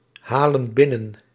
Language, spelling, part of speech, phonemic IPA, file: Dutch, halen binnen, verb, /ˈhalə(n) ˈbɪnən/, Nl-halen binnen.ogg
- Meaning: inflection of binnenhalen: 1. plural present indicative 2. plural present subjunctive